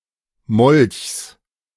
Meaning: genitive singular of Molch
- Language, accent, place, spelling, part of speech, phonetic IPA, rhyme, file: German, Germany, Berlin, Molchs, noun, [mɔlçs], -ɔlçs, De-Molchs.ogg